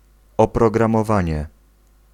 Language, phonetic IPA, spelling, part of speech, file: Polish, [ˌɔprɔɡrãmɔˈvãɲɛ], oprogramowanie, noun, Pl-oprogramowanie.ogg